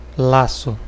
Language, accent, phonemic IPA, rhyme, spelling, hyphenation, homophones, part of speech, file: Portuguese, Brazil, /ˈla.su/, -asu, laço, la‧ço, lasso, noun / verb, Pt-br-laço.ogg
- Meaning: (noun) 1. any type of tie that is easily undone 2. lasso (long rope with a sliding loop on one end) 3. lace; shoelace 4. bond; tie (strong connection between people)